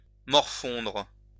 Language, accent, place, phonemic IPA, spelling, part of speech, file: French, France, Lyon, /mɔʁ.fɔ̃dʁ/, morfondre, verb, LL-Q150 (fra)-morfondre.wav
- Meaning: 1. to depress, bore 2. to cool 3. to mope around (wander or linger aimlessly)